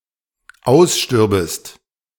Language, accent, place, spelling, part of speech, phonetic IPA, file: German, Germany, Berlin, ausstürbest, verb, [ˈaʊ̯sˌʃtʏʁbəst], De-ausstürbest.ogg
- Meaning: second-person singular dependent subjunctive II of aussterben